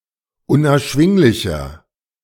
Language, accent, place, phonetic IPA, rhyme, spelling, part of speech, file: German, Germany, Berlin, [ʊnʔɛɐ̯ˈʃvɪŋlɪçɐ], -ɪŋlɪçɐ, unerschwinglicher, adjective, De-unerschwinglicher.ogg
- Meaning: 1. comparative degree of unerschwinglich 2. inflection of unerschwinglich: strong/mixed nominative masculine singular 3. inflection of unerschwinglich: strong genitive/dative feminine singular